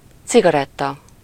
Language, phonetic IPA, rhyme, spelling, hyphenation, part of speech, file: Hungarian, [ˈt͡siɡɒrɛtːɒ], -tɒ, cigaretta, ci‧ga‧ret‧ta, noun, Hu-cigaretta.ogg
- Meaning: cigarette